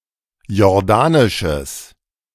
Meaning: strong/mixed nominative/accusative neuter singular of jordanisch
- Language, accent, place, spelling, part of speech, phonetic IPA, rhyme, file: German, Germany, Berlin, jordanisches, adjective, [jɔʁˈdaːnɪʃəs], -aːnɪʃəs, De-jordanisches.ogg